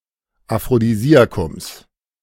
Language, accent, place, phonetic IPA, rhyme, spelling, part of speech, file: German, Germany, Berlin, [afʁodiˈziːakʊms], -iːakʊms, Aphrodisiakums, noun, De-Aphrodisiakums.ogg
- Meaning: genitive singular of Aphrodisiakum